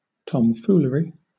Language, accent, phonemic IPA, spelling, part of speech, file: English, Southern England, /ˌtɒmˈfuːlə.ɹi/, tomfoolery, noun, LL-Q1860 (eng)-tomfoolery.wav
- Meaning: 1. Foolish behaviour or speech 2. Jewellery